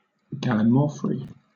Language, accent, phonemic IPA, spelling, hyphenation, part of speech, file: English, Southern England, /ɡa.lɪˈmɔː.fɹi/, gallimaufry, gal‧li‧mau‧fry, noun, LL-Q1860 (eng)-gallimaufry.wav
- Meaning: 1. A hash of various kinds of meats; a ragout 2. Any absurd medley; an elaborate mishmash